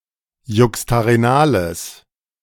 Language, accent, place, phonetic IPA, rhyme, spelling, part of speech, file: German, Germany, Berlin, [ˌjʊkstaʁeˈnaːləs], -aːləs, juxtarenales, adjective, De-juxtarenales.ogg
- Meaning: strong/mixed nominative/accusative neuter singular of juxtarenal